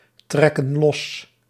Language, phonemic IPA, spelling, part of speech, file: Dutch, /ˈtrɛkə(n) ˈlɔs/, trekken los, verb, Nl-trekken los.ogg
- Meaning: inflection of lostrekken: 1. plural present indicative 2. plural present subjunctive